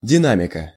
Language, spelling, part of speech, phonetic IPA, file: Russian, динамика, noun, [dʲɪˈnamʲɪkə], Ru-динамика.ogg
- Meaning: 1. dynamics 2. movement, action 3. genitive singular of дина́мик (dinámik)